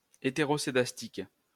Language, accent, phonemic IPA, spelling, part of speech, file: French, France, /e.te.ʁɔ.se.das.tik/, hétéroscédastique, adjective, LL-Q150 (fra)-hétéroscédastique.wav
- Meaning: heteroscedastic